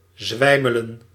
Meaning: 1. to swoon, to pass out 2. to stagger, to walk unsteadily
- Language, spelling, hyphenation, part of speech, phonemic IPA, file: Dutch, zwijmelen, zwij‧me‧len, verb, /ˈzʋɛi̯.mə.lə(n)/, Nl-zwijmelen.ogg